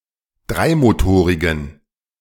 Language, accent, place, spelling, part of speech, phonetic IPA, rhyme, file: German, Germany, Berlin, dreimotorigen, adjective, [ˈdʁaɪ̯moˌtoːʁɪɡn̩], -aɪ̯motoːʁɪɡn̩, De-dreimotorigen.ogg
- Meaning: inflection of dreimotorig: 1. strong genitive masculine/neuter singular 2. weak/mixed genitive/dative all-gender singular 3. strong/weak/mixed accusative masculine singular 4. strong dative plural